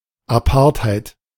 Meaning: 1. alternative form of Apartheid 2. an unusual but attractive trait or quality; see German apart for further definition
- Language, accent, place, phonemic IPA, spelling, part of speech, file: German, Germany, Berlin, /aˈpaʁtˌhaɪ̯t/, Apartheit, noun, De-Apartheit.ogg